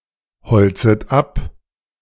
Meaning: second-person plural subjunctive I of abholzen
- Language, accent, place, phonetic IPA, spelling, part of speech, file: German, Germany, Berlin, [ˌhɔlt͡sət ˈap], holzet ab, verb, De-holzet ab.ogg